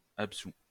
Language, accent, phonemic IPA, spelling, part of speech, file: French, France, /ap.su/, absous, adjective / verb, LL-Q150 (fra)-absous.wav
- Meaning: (adjective) absolved; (verb) 1. past participle of absoudre 2. first/second-person singular present indicative of absoudre